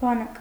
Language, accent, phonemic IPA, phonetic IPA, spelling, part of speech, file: Armenian, Eastern Armenian, /bɑˈnɑk/, [bɑnɑ́k], բանակ, noun, Hy-բանակ.ogg
- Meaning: army